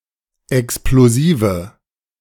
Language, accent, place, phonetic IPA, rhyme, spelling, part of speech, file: German, Germany, Berlin, [ɛksploˈziːvə], -iːvə, explosive, adjective, De-explosive.ogg
- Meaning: inflection of explosiv: 1. strong/mixed nominative/accusative feminine singular 2. strong nominative/accusative plural 3. weak nominative all-gender singular